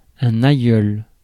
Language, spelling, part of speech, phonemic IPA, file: French, aïeul, noun, /a.jœl/, Fr-aïeul.ogg
- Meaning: 1. grandfather; grandparent 2. ancestor, forefather 3. old man